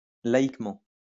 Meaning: secularly; as a lay person
- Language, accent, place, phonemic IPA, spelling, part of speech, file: French, France, Lyon, /la.ik.mɑ̃/, laïquement, adverb, LL-Q150 (fra)-laïquement.wav